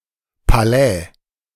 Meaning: palace
- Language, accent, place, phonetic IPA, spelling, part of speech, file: German, Germany, Berlin, [paˈlɛː], Palais, noun, De-Palais.ogg